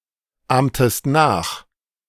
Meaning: inflection of nachahmen: 1. second-person singular preterite 2. second-person singular subjunctive II
- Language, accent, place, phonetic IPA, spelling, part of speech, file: German, Germany, Berlin, [ˌaːmtəst ˈnaːx], ahmtest nach, verb, De-ahmtest nach.ogg